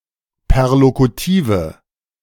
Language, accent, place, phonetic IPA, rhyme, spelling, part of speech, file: German, Germany, Berlin, [pɛʁlokuˈtiːvə], -iːvə, perlokutive, adjective, De-perlokutive.ogg
- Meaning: inflection of perlokutiv: 1. strong/mixed nominative/accusative feminine singular 2. strong nominative/accusative plural 3. weak nominative all-gender singular